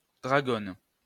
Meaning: 1. female equivalent of dragon 2. sword knot 3. wristband (used to hold fast a flashlight, joycon, etc. to one's wrist)
- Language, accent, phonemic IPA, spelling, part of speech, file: French, France, /dʁa.ɡɔn/, dragonne, noun, LL-Q150 (fra)-dragonne.wav